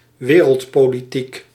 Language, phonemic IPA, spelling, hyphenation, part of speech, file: Dutch, /ˈʋeː.rəlt.poː.liˌtik/, wereldpolitiek, we‧reld‧po‧li‧tiek, noun, Nl-wereldpolitiek.ogg
- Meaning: geopolitics